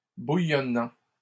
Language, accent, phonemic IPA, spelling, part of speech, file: French, Canada, /bu.jɔ.nɑ̃/, bouillonnant, verb / adjective, LL-Q150 (fra)-bouillonnant.wav
- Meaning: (verb) present participle of bouillonner; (adjective) bubbling, frothing